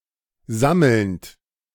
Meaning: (verb) present participle of sammeln; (adjective) collecting
- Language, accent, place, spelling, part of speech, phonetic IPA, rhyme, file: German, Germany, Berlin, sammelnd, verb, [ˈzaml̩nt], -aml̩nt, De-sammelnd.ogg